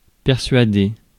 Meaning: to persuade
- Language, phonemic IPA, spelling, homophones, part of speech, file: French, /pɛʁ.sɥa.de/, persuader, persuadai / persuadé / persuadée / persuadées / persuadés / persuadez, verb, Fr-persuader.ogg